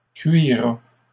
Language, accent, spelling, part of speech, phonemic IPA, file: French, Canada, cuira, verb, /kɥi.ʁa/, LL-Q150 (fra)-cuira.wav
- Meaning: 1. third-person singular past historic of cuirer 2. third-person singular future of cuire